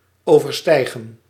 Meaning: 1. to exceed, surpass 2. to rise over
- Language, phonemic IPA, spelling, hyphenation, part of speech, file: Dutch, /ˌoː.vərˈstɛi̯.ɣə(n)/, overstijgen, over‧stij‧gen, verb, Nl-overstijgen.ogg